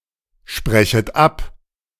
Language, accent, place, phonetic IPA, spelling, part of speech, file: German, Germany, Berlin, [ˌʃpʁɛçət ˈap], sprechet ab, verb, De-sprechet ab.ogg
- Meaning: second-person plural subjunctive I of absprechen